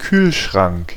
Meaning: refrigerator
- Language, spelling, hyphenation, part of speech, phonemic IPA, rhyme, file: German, Kühlschrank, Kühl‧schrank, noun, /ˈkyːlˌʃʁaŋk/, -aŋk, De-Kühlschrank.ogg